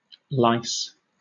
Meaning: 1. plural of louse 2. louse
- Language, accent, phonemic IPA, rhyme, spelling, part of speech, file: English, Southern England, /laɪs/, -aɪs, lice, noun, LL-Q1860 (eng)-lice.wav